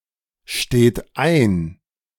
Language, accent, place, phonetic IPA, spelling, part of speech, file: German, Germany, Berlin, [ˌʃteːt ˈaɪ̯n], steht ein, verb, De-steht ein.ogg
- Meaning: inflection of einstehen: 1. third-person singular present 2. second-person plural present 3. plural imperative